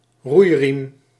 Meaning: oar
- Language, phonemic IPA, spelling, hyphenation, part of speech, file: Dutch, /ˈrui̯.rim/, roeiriem, roei‧riem, noun, Nl-roeiriem.ogg